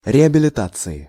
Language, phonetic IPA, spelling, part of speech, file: Russian, [rʲɪəbʲɪlʲɪˈtat͡sɨɪ], реабилитации, noun, Ru-реабилитации.ogg
- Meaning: inflection of реабилита́ция (reabilitácija): 1. genitive/dative/prepositional singular 2. nominative/accusative plural